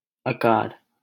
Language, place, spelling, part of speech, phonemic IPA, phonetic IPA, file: Hindi, Delhi, अकार, noun, /ə.kɑːɾ/, [ɐ.käːɾ], LL-Q1568 (hin)-अकार.wav
- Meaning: 1. the Devanagari letter अ (a) 2. the vowel sound /ə/